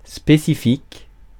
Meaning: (adjective) 1. specific, species 2. specific, particular; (noun) a specific, a remedy for a particular disorder
- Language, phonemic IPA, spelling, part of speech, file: French, /spe.si.fik/, spécifique, adjective / noun, Fr-spécifique.ogg